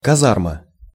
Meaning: barrack, barracks
- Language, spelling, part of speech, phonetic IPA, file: Russian, казарма, noun, [kɐˈzarmə], Ru-казарма.ogg